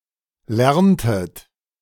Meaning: inflection of lernen: 1. second-person plural preterite 2. second-person plural subjunctive II
- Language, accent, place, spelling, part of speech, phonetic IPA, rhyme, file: German, Germany, Berlin, lerntet, verb, [ˈlɛʁntət], -ɛʁntət, De-lerntet.ogg